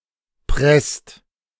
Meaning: inflection of pressen: 1. second-person singular/plural present 2. third-person singular present 3. plural imperative
- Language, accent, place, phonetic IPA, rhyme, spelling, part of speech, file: German, Germany, Berlin, [pʁɛst], -ɛst, presst, verb, De-presst.ogg